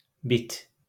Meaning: louse
- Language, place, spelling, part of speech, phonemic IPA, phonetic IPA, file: Azerbaijani, Baku, bit, noun, /ˈbit/, [ˈbit̪ʰ], LL-Q9292 (aze)-bit.wav